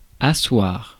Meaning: 1. to sit (someone) down, to seat, make sit 2. to sit down, sit up, take a seat 3. to assert
- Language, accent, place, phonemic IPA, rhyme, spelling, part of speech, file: French, France, Paris, /a.swaʁ/, -waʁ, asseoir, verb, Fr-asseoir.ogg